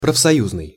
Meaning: trade-union
- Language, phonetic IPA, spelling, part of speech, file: Russian, [prəfsɐˈjuznɨj], профсоюзный, adjective, Ru-профсоюзный.ogg